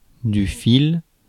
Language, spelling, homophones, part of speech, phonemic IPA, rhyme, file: French, fil, file / filent / files / fils / Phil / -phile / phylle / phylles, noun, /fil/, -il, Fr-fil.ogg
- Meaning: 1. yarn, thread, wire 2. grain (of wood etc.) 3. edge (of blade, razor etc.)